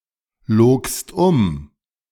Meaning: second-person singular preterite of umlügen
- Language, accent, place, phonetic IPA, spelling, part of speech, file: German, Germany, Berlin, [ˌloːkst ˈʊm], logst um, verb, De-logst um.ogg